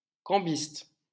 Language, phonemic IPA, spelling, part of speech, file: French, /kɑ̃.bist/, cambiste, noun, LL-Q150 (fra)-cambiste.wav
- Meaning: foreign exchange trader